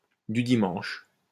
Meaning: amateur, weekend
- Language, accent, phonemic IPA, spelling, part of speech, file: French, France, /dy di.mɑ̃ʃ/, du dimanche, adjective, LL-Q150 (fra)-du dimanche.wav